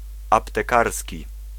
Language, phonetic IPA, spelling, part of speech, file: Polish, [ˌaptɛˈkarsʲci], aptekarski, adjective, Pl-aptekarski.ogg